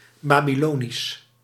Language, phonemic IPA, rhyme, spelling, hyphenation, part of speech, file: Dutch, /ˌbaː.biˈloː.nis/, -oːnis, Babylonisch, Ba‧by‧lo‧nisch, adjective, Nl-Babylonisch.ogg
- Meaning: Babylonian